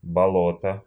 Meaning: bog, swamp, marsh, quagmire, mire
- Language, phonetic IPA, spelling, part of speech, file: Russian, [bɐˈɫotə], болото, noun, Ru-боло́то.ogg